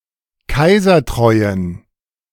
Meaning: inflection of kaisertreu: 1. strong genitive masculine/neuter singular 2. weak/mixed genitive/dative all-gender singular 3. strong/weak/mixed accusative masculine singular 4. strong dative plural
- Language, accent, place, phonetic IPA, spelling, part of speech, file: German, Germany, Berlin, [ˈkaɪ̯zɐˌtʁɔɪ̯ən], kaisertreuen, adjective, De-kaisertreuen.ogg